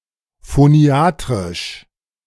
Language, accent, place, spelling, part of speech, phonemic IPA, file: German, Germany, Berlin, phoniatrisch, adjective, /foˈni̯aːtʁɪʃ/, De-phoniatrisch.ogg
- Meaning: phoniatric